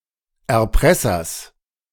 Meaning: genitive singular of Erpresser
- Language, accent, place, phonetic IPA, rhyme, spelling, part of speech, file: German, Germany, Berlin, [ɛɐ̯ˈpʁɛsɐs], -ɛsɐs, Erpressers, noun, De-Erpressers.ogg